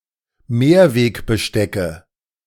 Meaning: nominative/accusative/genitive plural of Mehrwegbesteck
- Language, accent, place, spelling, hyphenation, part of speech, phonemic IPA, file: German, Germany, Berlin, Mehrwegbestecke, Mehr‧weg‧be‧ste‧cke, noun, /ˈmeːɐ̯ˌveːkbəˌʃtɛkə/, De-Mehrwegbestecke.ogg